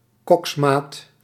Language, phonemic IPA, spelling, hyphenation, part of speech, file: Dutch, /ˈkɔks.maːt/, koksmaat, koks‧maat, noun, Nl-koksmaat.ogg
- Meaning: A cook's mate, a kitchenhand aboard